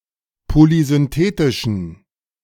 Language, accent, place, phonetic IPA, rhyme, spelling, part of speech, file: German, Germany, Berlin, [polizʏnˈteːtɪʃn̩], -eːtɪʃn̩, polysynthetischen, adjective, De-polysynthetischen.ogg
- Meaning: inflection of polysynthetisch: 1. strong genitive masculine/neuter singular 2. weak/mixed genitive/dative all-gender singular 3. strong/weak/mixed accusative masculine singular 4. strong dative plural